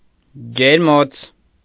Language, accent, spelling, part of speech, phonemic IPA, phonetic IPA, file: Armenian, Eastern Armenian, ջերմոց, noun, /d͡ʒeɾˈmot͡sʰ/, [d͡ʒeɾmót͡sʰ], Hy-ջերմոց.ogg
- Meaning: greenhouse